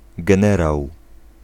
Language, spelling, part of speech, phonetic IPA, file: Polish, generał, noun, [ɡɛ̃ˈnɛraw], Pl-generał.ogg